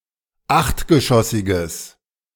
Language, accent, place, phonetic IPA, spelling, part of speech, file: German, Germany, Berlin, [ˈaxtɡəˌʃɔsɪɡəs], achtgeschossiges, adjective, De-achtgeschossiges.ogg
- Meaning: strong/mixed nominative/accusative neuter singular of achtgeschossig